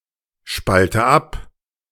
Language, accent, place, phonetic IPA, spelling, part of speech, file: German, Germany, Berlin, [ˌʃpaltə ˈap], spalte ab, verb, De-spalte ab.ogg
- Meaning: inflection of abspalten: 1. first-person singular present 2. first/third-person singular subjunctive I 3. singular imperative